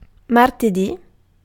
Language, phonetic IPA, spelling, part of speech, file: Italian, [mar.teˈdi], martedì, noun, It-martedì.ogg